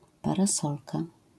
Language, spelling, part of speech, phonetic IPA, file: Polish, parasolka, noun, [ˌparaˈsɔlka], LL-Q809 (pol)-parasolka.wav